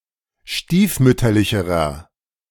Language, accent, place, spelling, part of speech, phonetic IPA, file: German, Germany, Berlin, stiefmütterlicherer, adjective, [ˈʃtiːfˌmʏtɐlɪçəʁɐ], De-stiefmütterlicherer.ogg
- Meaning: inflection of stiefmütterlich: 1. strong/mixed nominative masculine singular comparative degree 2. strong genitive/dative feminine singular comparative degree